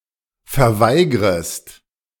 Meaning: second-person singular subjunctive I of verweigern
- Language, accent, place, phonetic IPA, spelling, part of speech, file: German, Germany, Berlin, [fɛɐ̯ˈvaɪ̯ɡʁəst], verweigrest, verb, De-verweigrest.ogg